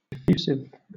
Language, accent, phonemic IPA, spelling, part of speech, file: English, Southern England, /ɪˈfjuːsɪv/, effusive, adjective, LL-Q1860 (eng)-effusive.wav
- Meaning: 1. Gushy; unrestrained, extravagant or excessive (in emotional expression) 2. Pouring, spilling out freely; overflowing 3. Extrusive; having solidified after being poured out as molten lava